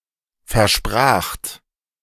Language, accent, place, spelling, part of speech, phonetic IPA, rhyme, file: German, Germany, Berlin, verspracht, verb, [fɛɐ̯ˈʃpʁaːxt], -aːxt, De-verspracht.ogg
- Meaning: second-person plural preterite of versprechen